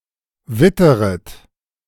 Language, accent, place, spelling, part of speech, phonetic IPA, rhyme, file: German, Germany, Berlin, witteret, verb, [ˈvɪtəʁət], -ɪtəʁət, De-witteret.ogg
- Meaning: second-person plural subjunctive I of wittern